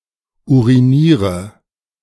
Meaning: inflection of urinieren: 1. first-person singular present 2. singular imperative 3. first/third-person singular subjunctive I
- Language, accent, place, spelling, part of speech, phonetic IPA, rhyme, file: German, Germany, Berlin, uriniere, verb, [ˌuʁiˈniːʁə], -iːʁə, De-uriniere.ogg